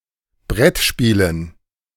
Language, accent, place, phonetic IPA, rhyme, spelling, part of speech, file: German, Germany, Berlin, [ˈbʁɛtˌʃpiːlən], -ɛtʃpiːlən, Brettspielen, noun, De-Brettspielen.ogg
- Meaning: dative plural of Brettspiel